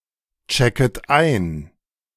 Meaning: second-person plural subjunctive I of einchecken
- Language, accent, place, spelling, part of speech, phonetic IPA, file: German, Germany, Berlin, checket ein, verb, [ˌt͡ʃɛkət ˈaɪ̯n], De-checket ein.ogg